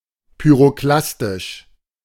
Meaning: pyroclastic
- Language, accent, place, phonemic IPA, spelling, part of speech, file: German, Germany, Berlin, /pyʁoˈklastɪʃ/, pyroklastisch, adjective, De-pyroklastisch.ogg